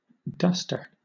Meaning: 1. An object, such as a cloth or a purpose-made soft and puffy pad or mitt, used for dusting surfaces etc 2. Someone who dusts 3. A loose-fitting long coat
- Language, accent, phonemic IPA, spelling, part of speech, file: English, Southern England, /ˈdʌstə/, duster, noun, LL-Q1860 (eng)-duster.wav